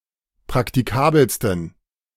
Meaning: 1. superlative degree of praktikabel 2. inflection of praktikabel: strong genitive masculine/neuter singular superlative degree
- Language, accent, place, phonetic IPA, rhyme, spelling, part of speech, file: German, Germany, Berlin, [pʁaktiˈkaːbl̩stn̩], -aːbl̩stn̩, praktikabelsten, adjective, De-praktikabelsten.ogg